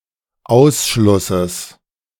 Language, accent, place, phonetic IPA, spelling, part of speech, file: German, Germany, Berlin, [ˈaʊ̯sʃlʊsəs], Ausschlusses, noun, De-Ausschlusses.ogg
- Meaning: genitive singular of Ausschluss